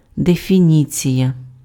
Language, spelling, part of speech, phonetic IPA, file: Ukrainian, дефініція, noun, [defʲiˈnʲit͡sʲijɐ], Uk-дефініція.ogg
- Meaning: definition